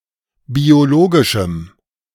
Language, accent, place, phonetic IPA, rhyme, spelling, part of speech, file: German, Germany, Berlin, [bioˈloːɡɪʃm̩], -oːɡɪʃm̩, biologischem, adjective, De-biologischem.ogg
- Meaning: strong dative masculine/neuter singular of biologisch